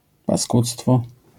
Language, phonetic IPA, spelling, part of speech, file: Polish, [paˈskut͡stfɔ], paskudztwo, noun, LL-Q809 (pol)-paskudztwo.wav